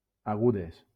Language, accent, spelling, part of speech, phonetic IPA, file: Catalan, Valencia, agudes, adjective, [aˈɣu.ðes], LL-Q7026 (cat)-agudes.wav
- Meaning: feminine plural of agut